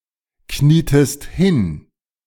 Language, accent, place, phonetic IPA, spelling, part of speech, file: German, Germany, Berlin, [ˌkniːtəst ˈhɪn], knietest hin, verb, De-knietest hin.ogg
- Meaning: inflection of hinknien: 1. second-person singular preterite 2. second-person singular subjunctive II